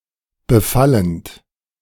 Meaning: present participle of befallen
- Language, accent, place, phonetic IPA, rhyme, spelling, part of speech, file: German, Germany, Berlin, [bəˈfalənt], -alənt, befallend, verb, De-befallend.ogg